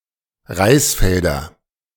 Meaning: nominative/accusative/genitive plural of Reisfeld
- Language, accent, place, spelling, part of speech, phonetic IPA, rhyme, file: German, Germany, Berlin, Reisfelder, noun, [ˈʁaɪ̯sˌfɛldɐ], -aɪ̯sfɛldɐ, De-Reisfelder.ogg